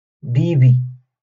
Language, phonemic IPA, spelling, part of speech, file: Moroccan Arabic, /biː.bi/, بيبي, noun, LL-Q56426 (ary)-بيبي.wav
- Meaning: turkey